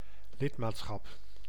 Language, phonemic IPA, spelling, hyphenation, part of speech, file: Dutch, /ˈlɪtmatsxɑp/, lidmaatschap, lid‧maat‧schap, noun, Nl-lidmaatschap.ogg
- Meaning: membership (status of being a member; originally of a church flock)